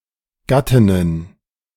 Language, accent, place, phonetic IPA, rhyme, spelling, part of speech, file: German, Germany, Berlin, [ˈɡatɪnən], -atɪnən, Gattinnen, noun, De-Gattinnen.ogg
- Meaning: plural of Gattin